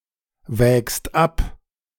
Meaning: second-person singular present of abwägen
- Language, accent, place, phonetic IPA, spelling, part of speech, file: German, Germany, Berlin, [ˌvɛːkst ˈap], wägst ab, verb, De-wägst ab.ogg